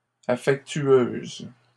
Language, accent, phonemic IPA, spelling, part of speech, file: French, Canada, /a.fɛk.tɥøz/, affectueuses, adjective, LL-Q150 (fra)-affectueuses.wav
- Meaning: feminine plural of affectueux